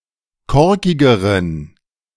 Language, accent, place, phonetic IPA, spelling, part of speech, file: German, Germany, Berlin, [ˈkɔʁkɪɡəʁən], korkigeren, adjective, De-korkigeren.ogg
- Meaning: inflection of korkig: 1. strong genitive masculine/neuter singular comparative degree 2. weak/mixed genitive/dative all-gender singular comparative degree